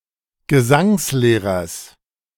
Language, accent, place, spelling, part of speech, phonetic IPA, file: German, Germany, Berlin, Gesangslehrers, noun, [ɡəˈzaŋsˌleːʁɐs], De-Gesangslehrers.ogg
- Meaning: genitive singular of Gesangslehrer